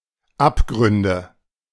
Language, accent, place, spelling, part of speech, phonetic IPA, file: German, Germany, Berlin, Abgründe, noun, [ˈapˌɡʁʏndə], De-Abgründe.ogg
- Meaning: nominative/accusative/genitive plural of Abgrund